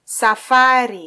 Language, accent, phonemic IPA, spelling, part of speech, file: Swahili, Kenya, /sɑˈfɑ.ɾi/, safari, noun, Sw-ke-safari.flac
- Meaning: 1. journey, trip 2. a time or instance